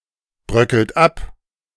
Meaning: inflection of abbröckeln: 1. second-person plural present 2. third-person singular present 3. plural imperative
- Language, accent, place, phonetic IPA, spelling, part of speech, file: German, Germany, Berlin, [ˌbʁœkl̩t ˈap], bröckelt ab, verb, De-bröckelt ab.ogg